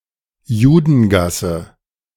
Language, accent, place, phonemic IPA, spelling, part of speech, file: German, Germany, Berlin, /ˈjuːdənˌɡasə/, Judengasse, noun, De-Judengasse.ogg
- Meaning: an alley, lane where mostly Jews lived; a ghetto (or part of it)